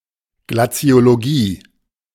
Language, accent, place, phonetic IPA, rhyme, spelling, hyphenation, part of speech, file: German, Germany, Berlin, [ɡlat͡si̯oloˈɡiː], -iː, Glaziologie, Gla‧zi‧o‧lo‧gie, noun, De-Glaziologie.ogg
- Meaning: glaciology